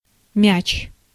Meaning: ball (object, generally spherical, used for playing games)
- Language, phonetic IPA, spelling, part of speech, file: Russian, [mʲæt͡ɕ], мяч, noun, Ru-мяч.ogg